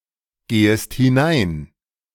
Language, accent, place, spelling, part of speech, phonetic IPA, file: German, Germany, Berlin, gehest hinein, verb, [ˌɡeːəst hɪˈnaɪ̯n], De-gehest hinein.ogg
- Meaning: second-person singular subjunctive I of hineingehen